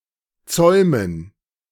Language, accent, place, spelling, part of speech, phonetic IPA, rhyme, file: German, Germany, Berlin, Zäumen, noun, [ˈt͡sɔɪ̯mən], -ɔɪ̯mən, De-Zäumen.ogg
- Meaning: 1. gerund of zäumen 2. dative plural of Zaum